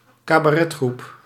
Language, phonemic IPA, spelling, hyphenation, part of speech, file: Dutch, /kaː.baːˈrɛ(t)ˌxrup/, cabaretgroep, ca‧ba‧ret‧groep, noun, Nl-cabaretgroep.ogg
- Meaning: cabaret group